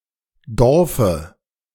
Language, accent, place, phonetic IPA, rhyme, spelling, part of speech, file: German, Germany, Berlin, [ˈdɔʁfə], -ɔʁfə, Dorfe, noun, De-Dorfe.ogg
- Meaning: dative singular of Dorf